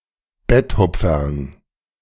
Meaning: bedtime treat, (by extension) bedtime story
- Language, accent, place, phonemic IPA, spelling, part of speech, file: German, Germany, Berlin, /ˈbɛtˌhʊp͡fɐl/, Betthupferl, noun, De-Betthupferl.ogg